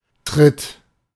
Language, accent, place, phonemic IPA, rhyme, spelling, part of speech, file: German, Germany, Berlin, /tʁɪt/, -ɪt, Tritt, noun, De-Tritt.ogg
- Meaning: 1. step 2. kick